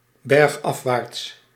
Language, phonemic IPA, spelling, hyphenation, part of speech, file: Dutch, /ˌbɛrxˈɑf.ʋaːrts/, bergafwaarts, berg‧af‧waarts, adverb, Nl-bergafwaarts.ogg
- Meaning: 1. downhill, down a (mountain) slope 2. towards a worse situation; downhill